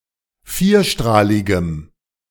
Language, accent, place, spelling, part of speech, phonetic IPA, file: German, Germany, Berlin, vierstrahligem, adjective, [ˈfiːɐ̯ˌʃtʁaːlɪɡəm], De-vierstrahligem.ogg
- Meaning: strong dative masculine/neuter singular of vierstrahlig